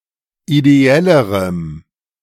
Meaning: strong dative masculine/neuter singular comparative degree of ideell
- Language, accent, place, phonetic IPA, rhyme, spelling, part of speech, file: German, Germany, Berlin, [ideˈɛləʁəm], -ɛləʁəm, ideellerem, adjective, De-ideellerem.ogg